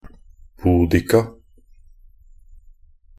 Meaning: alternative spelling of Boudicca (“Boudica”)
- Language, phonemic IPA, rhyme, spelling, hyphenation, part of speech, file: Norwegian Bokmål, /buːˈdɪka/, -ɪka, Boudica, Bou‧di‧ca, proper noun, Nb-boudica.ogg